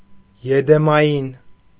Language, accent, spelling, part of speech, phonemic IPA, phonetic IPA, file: Armenian, Eastern Armenian, եդեմային, adjective, /jedemɑˈjin/, [jedemɑjín], Hy-եդեմային.ogg
- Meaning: 1. Edenic 2. marvelous, wonderful, heavenly 3. paradisal, paradisiacal 4. blissful, delightful